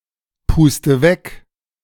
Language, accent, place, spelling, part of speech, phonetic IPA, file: German, Germany, Berlin, puste weg, verb, [ˌpuːstə ˈvɛk], De-puste weg.ogg
- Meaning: inflection of wegpusten: 1. first-person singular present 2. first/third-person singular subjunctive I 3. singular imperative